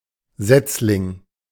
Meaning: 1. seedling 2. fishling, fry (young fish)
- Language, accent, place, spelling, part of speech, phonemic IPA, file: German, Germany, Berlin, Setzling, noun, /ˈzɛt͡slɪŋ/, De-Setzling.ogg